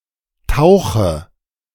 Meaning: inflection of tauchen: 1. first-person singular present 2. singular imperative 3. first/third-person singular subjunctive I
- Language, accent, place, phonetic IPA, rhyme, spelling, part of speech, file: German, Germany, Berlin, [ˈtaʊ̯xə], -aʊ̯xə, tauche, verb, De-tauche.ogg